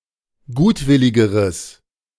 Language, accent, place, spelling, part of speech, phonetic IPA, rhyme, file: German, Germany, Berlin, gutwilligeres, adjective, [ˈɡuːtˌvɪlɪɡəʁəs], -uːtvɪlɪɡəʁəs, De-gutwilligeres.ogg
- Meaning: strong/mixed nominative/accusative neuter singular comparative degree of gutwillig